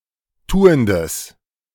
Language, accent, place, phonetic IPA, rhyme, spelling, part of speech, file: German, Germany, Berlin, [ˈtuːəndəs], -uːəndəs, tuendes, adjective, De-tuendes.ogg
- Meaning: strong/mixed nominative/accusative neuter singular of tuend